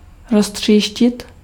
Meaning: to shatter, to smash, to break into pieces
- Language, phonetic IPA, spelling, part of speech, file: Czech, [ˈrostr̝̊iːʃcɪt], roztříštit, verb, Cs-roztříštit.ogg